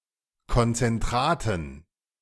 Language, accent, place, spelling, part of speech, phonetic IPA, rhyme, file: German, Germany, Berlin, Konzentraten, noun, [kɔnt͡sɛnˈtʁaːtn̩], -aːtn̩, De-Konzentraten.ogg
- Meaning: dative plural of Konzentrat